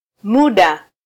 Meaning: term, period (of time)
- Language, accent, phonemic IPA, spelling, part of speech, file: Swahili, Kenya, /ˈmu.ɗɑ/, muda, noun, Sw-ke-muda.flac